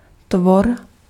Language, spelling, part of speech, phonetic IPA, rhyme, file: Czech, tvor, noun, [ˈtvor], -or, Cs-tvor.ogg
- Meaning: creature